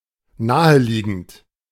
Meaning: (verb) present participle of naheliegen; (adjective) obvious, logical
- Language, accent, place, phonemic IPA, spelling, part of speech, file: German, Germany, Berlin, /ˈnaːəˌliːɡn̩t/, naheliegend, verb / adjective, De-naheliegend.ogg